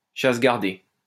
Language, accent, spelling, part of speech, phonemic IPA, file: French, France, chasse gardée, noun, /ʃas ɡaʁ.de/, LL-Q150 (fra)-chasse gardée.wav
- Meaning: 1. private hunting ground 2. preserve (activity with restricted access)